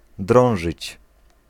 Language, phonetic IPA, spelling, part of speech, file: Polish, [ˈdrɔ̃w̃ʒɨt͡ɕ], drążyć, verb, Pl-drążyć.ogg